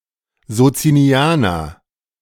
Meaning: Socinian (a member of a certain nontrinitarian Christian denomination)
- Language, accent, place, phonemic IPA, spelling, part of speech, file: German, Germany, Berlin, /zotsiniˈaːnɐ/, Sozinianer, noun, De-Sozinianer.ogg